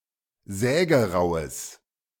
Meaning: strong/mixed nominative/accusative neuter singular of sägerau
- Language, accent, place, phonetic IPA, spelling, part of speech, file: German, Germany, Berlin, [ˈzɛːɡəˌʁaʊ̯əs], sägeraues, adjective, De-sägeraues.ogg